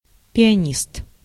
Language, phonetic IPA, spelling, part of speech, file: Russian, [pʲɪɐˈnʲist], пианист, noun, Ru-пианист.ogg
- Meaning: pianist